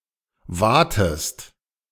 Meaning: inflection of waten: 1. second-person singular present 2. second-person singular subjunctive I
- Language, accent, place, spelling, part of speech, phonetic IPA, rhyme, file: German, Germany, Berlin, watest, verb, [ˈvaːtəst], -aːtəst, De-watest.ogg